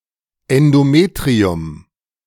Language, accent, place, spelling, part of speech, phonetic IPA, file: German, Germany, Berlin, Endometrium, noun, [ɛndoˈmeːtʁiʊm], De-Endometrium.ogg
- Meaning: endometrium